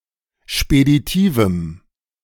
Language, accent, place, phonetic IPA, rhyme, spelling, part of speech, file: German, Germany, Berlin, [ʃpediˈtiːvm̩], -iːvm̩, speditivem, adjective, De-speditivem.ogg
- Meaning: strong dative masculine/neuter singular of speditiv